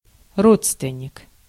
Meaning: relative, relation, kinsman (someone in the same family; someone connected by blood, marriage, or adoption)
- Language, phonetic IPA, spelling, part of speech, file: Russian, [ˈrot͡stvʲɪnʲ(ː)ɪk], родственник, noun, Ru-родственник.ogg